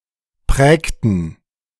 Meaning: inflection of prägen: 1. first/third-person plural preterite 2. first/third-person plural subjunctive II
- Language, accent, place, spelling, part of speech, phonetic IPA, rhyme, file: German, Germany, Berlin, prägten, verb, [ˈpʁɛːktn̩], -ɛːktn̩, De-prägten.ogg